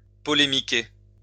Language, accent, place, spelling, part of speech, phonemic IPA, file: French, France, Lyon, polémiquer, verb, /pɔ.le.mi.ke/, LL-Q150 (fra)-polémiquer.wav
- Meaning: to be involved in a controversy